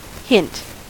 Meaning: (noun) 1. A clue 2. An implicit suggestion that avoids a direct statement 3. A small, barely detectable amount
- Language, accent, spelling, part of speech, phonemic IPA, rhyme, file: English, US, hint, noun / verb / interjection, /hɪnt/, -ɪnt, En-us-hint.ogg